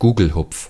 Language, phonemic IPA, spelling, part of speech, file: German, /ˈɡuːɡl̩hʊp͡f/, Gugelhupf, noun, De-Gugelhupf.ogg
- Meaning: Gugelhupf, bundt cake